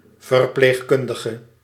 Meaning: nurse
- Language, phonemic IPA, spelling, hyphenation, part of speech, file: Dutch, /vərˌpleːxˈkʏn.də.ɣə/, verpleegkundige, ver‧pleeg‧kun‧di‧ge, noun, Nl-verpleegkundige.ogg